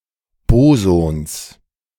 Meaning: genitive singular of Boson
- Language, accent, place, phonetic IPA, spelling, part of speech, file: German, Germany, Berlin, [ˈboːzɔns], Bosons, noun, De-Bosons.ogg